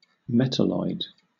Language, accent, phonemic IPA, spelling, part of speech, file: English, Southern England, /ˈmɛtəlɔɪd/, metalloid, noun / adjective, LL-Q1860 (eng)-metalloid.wav
- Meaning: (noun) An element, such as silicon or germanium, intermediate in properties between that of a metal and a nonmetal; especially an elemental semiconductor